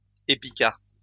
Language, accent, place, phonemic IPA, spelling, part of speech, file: French, France, Lyon, /e.pi.kaʁp/, épicarpe, noun, LL-Q150 (fra)-épicarpe.wav
- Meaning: epicarp